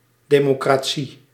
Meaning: democracy
- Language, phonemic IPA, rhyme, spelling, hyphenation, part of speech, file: Dutch, /ˌdeː.moː.kraːˈ(t)si/, -i, democratie, de‧mo‧cra‧tie, noun, Nl-democratie.ogg